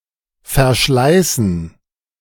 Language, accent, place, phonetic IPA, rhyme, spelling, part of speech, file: German, Germany, Berlin, [fɛɐ̯ˈʃlaɪ̯sn̩], -aɪ̯sn̩, Verschleißen, noun, De-Verschleißen.ogg
- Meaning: dative plural of Verschleiß